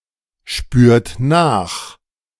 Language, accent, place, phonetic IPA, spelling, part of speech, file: German, Germany, Berlin, [ˌʃpyːɐ̯t ˈnaːx], spürt nach, verb, De-spürt nach.ogg
- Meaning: inflection of nachspüren: 1. third-person singular present 2. second-person plural present 3. plural imperative